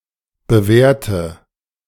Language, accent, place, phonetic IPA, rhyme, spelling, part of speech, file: German, Germany, Berlin, [bəˈvɛːɐ̯tə], -ɛːɐ̯tə, bewährte, adjective / verb, De-bewährte.ogg
- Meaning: inflection of bewährt: 1. strong/mixed nominative/accusative feminine singular 2. strong nominative/accusative plural 3. weak nominative all-gender singular 4. weak accusative feminine/neuter singular